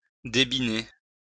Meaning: to denigrate, run down
- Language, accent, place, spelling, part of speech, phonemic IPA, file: French, France, Lyon, débiner, verb, /de.bi.ne/, LL-Q150 (fra)-débiner.wav